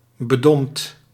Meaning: 1. stuffy, poorly ventilated 2. sombre, gloomy (of moods)
- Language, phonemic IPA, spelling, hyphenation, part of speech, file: Dutch, /bəˈdɔmpt/, bedompt, be‧dompt, adjective, Nl-bedompt.ogg